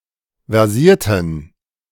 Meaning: inflection of versiert: 1. strong genitive masculine/neuter singular 2. weak/mixed genitive/dative all-gender singular 3. strong/weak/mixed accusative masculine singular 4. strong dative plural
- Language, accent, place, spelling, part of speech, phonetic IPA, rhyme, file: German, Germany, Berlin, versierten, adjective / verb, [vɛʁˈziːɐ̯tn̩], -iːɐ̯tn̩, De-versierten.ogg